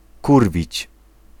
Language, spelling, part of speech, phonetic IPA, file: Polish, kurwić, verb, [ˈkurvʲit͡ɕ], Pl-kurwić.ogg